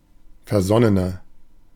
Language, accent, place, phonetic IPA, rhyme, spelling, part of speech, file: German, Germany, Berlin, [fɛɐ̯ˈzɔnənɐ], -ɔnənɐ, versonnener, adjective, De-versonnener.ogg
- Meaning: inflection of versonnen: 1. strong/mixed nominative masculine singular 2. strong genitive/dative feminine singular 3. strong genitive plural